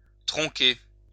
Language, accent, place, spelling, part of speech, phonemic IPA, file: French, France, Lyon, tronquer, verb, /tʁɔ̃.ke/, LL-Q150 (fra)-tronquer.wav
- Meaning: 1. to truncate (shorten something as if by cutting off part of it) 2. to shorten, cut